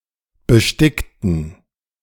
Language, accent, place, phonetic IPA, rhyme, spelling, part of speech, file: German, Germany, Berlin, [bəˈʃtɪktn̩], -ɪktn̩, bestickten, adjective / verb, De-bestickten.ogg
- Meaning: inflection of besticken: 1. first/third-person plural preterite 2. first/third-person plural subjunctive II